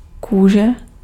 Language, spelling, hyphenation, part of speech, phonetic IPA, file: Czech, kůže, ků‧že, noun, [ˈkuːʒɛ], Cs-kůže.ogg
- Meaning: 1. skin 2. leather